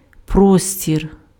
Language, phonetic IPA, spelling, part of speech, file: Ukrainian, [ˈprɔsʲtʲir], простір, noun, Uk-простір.ogg
- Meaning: 1. space 2. spaciousness 3. scope 4. expanse 5. area 6. elbowroom